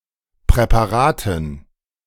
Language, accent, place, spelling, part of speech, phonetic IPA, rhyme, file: German, Germany, Berlin, Präparaten, noun, [pʁɛpaˈʁaːtn̩], -aːtn̩, De-Präparaten.ogg
- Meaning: dative plural of Präparat